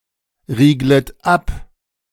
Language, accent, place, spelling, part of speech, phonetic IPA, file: German, Germany, Berlin, rieglet ab, verb, [ˌʁiːɡlət ˈap], De-rieglet ab.ogg
- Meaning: second-person plural subjunctive I of abriegeln